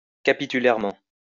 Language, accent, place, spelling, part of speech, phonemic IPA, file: French, France, Lyon, capitulairement, adverb, /ka.pi.ty.lɛʁ.mɑ̃/, LL-Q150 (fra)-capitulairement.wav
- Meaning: capitularly (as an ecclesiastical chapter)